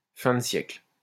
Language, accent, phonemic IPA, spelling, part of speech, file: French, France, /fɛ̃.də.sjɛkl/, fin-de-siècle, adjective, LL-Q150 (fra)-fin-de-siècle.wav
- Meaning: fin de siècle